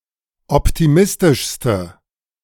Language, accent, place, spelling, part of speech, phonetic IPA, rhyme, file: German, Germany, Berlin, optimistischste, adjective, [ˌɔptiˈmɪstɪʃstə], -ɪstɪʃstə, De-optimistischste.ogg
- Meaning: inflection of optimistisch: 1. strong/mixed nominative/accusative feminine singular superlative degree 2. strong nominative/accusative plural superlative degree